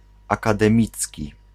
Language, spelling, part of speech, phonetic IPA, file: Polish, akademicki, adjective, [ˌakadɛ̃ˈmʲit͡sʲci], Pl-akademicki.ogg